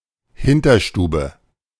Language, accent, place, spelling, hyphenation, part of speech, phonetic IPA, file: German, Germany, Berlin, Hinterstube, Hin‧ter‧stu‧be, noun, [ˈhɪntɐˌʃtuːbə], De-Hinterstube.ogg
- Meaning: backroom